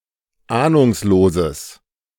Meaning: strong/mixed nominative/accusative neuter singular of ahnungslos
- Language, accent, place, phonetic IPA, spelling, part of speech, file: German, Germany, Berlin, [ˈaːnʊŋsloːzəs], ahnungsloses, adjective, De-ahnungsloses.ogg